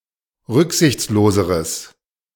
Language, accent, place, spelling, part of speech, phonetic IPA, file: German, Germany, Berlin, rücksichtsloseres, adjective, [ˈʁʏkzɪçt͡sloːzəʁəs], De-rücksichtsloseres.ogg
- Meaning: strong/mixed nominative/accusative neuter singular comparative degree of rücksichtslos